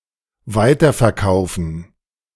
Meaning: to resell
- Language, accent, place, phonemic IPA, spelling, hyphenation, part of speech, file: German, Germany, Berlin, /ˈvaɪ̯tɐfɛɐ̯ˌkaʊ̯fn̩/, weiterverkaufen, wei‧ter‧ver‧kau‧fen, verb, De-weiterverkaufen.ogg